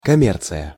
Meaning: commerce
- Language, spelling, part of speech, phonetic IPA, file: Russian, коммерция, noun, [kɐˈmʲert͡sɨjə], Ru-коммерция.ogg